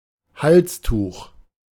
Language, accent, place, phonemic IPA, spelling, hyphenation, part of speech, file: German, Germany, Berlin, /ˈhalsˌtuːx/, Halstuch, Hals‧tuch, noun, De-Halstuch.ogg
- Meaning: neckerchief